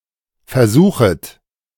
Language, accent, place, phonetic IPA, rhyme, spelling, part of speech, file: German, Germany, Berlin, [fɛɐ̯ˈzuːxst], -uːxst, versuchst, verb, De-versuchst.ogg
- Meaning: second-person singular present of versuchen